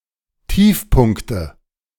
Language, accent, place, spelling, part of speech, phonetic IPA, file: German, Germany, Berlin, Tiefpunkte, noun, [ˈtiːfˌpʊnktə], De-Tiefpunkte.ogg
- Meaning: nominative/accusative/genitive plural of Tiefpunkt